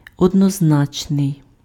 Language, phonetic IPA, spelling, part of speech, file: Ukrainian, [ɔdnɔzˈnat͡ʃnei̯], однозначний, adjective, Uk-однозначний.ogg
- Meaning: 1. unambiguous, unequivocal, univocal (having only one meaning) 2. single-digit